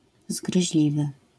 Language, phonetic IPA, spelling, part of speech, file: Polish, [zɡrɨʑˈlʲivɨ], zgryźliwy, adjective, LL-Q809 (pol)-zgryźliwy.wav